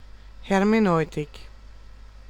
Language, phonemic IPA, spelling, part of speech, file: German, /ˌhɛʁmeˈnɔɪ̯tɪk/, Hermeneutik, noun, De-Hermeneutik.ogg
- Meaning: hermeneutics